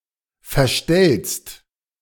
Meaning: second-person singular present of verstellen
- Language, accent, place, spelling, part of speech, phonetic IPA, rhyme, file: German, Germany, Berlin, verstellst, verb, [fɛɐ̯ˈʃtɛlst], -ɛlst, De-verstellst.ogg